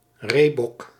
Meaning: 1. roebuck 2. an antelope native to southern Africa
- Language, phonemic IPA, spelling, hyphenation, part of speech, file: Dutch, /ˈreː.bɔk/, reebok, ree‧bok, noun, Nl-reebok.ogg